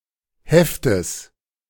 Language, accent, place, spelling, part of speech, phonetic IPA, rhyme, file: German, Germany, Berlin, Heftes, noun, [ˈhɛftəs], -ɛftəs, De-Heftes.ogg
- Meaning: genitive of Heft